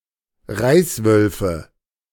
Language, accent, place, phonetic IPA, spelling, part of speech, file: German, Germany, Berlin, [ˈʁaɪ̯sˌvœlfə], Reißwölfe, noun, De-Reißwölfe.ogg
- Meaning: nominative/accusative/genitive plural of Reißwolf